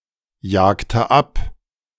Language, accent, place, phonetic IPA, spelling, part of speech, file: German, Germany, Berlin, [ˌjaːktə ˈap], jagte ab, verb, De-jagte ab.ogg
- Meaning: inflection of abjagen: 1. first/third-person singular preterite 2. first/third-person singular subjunctive II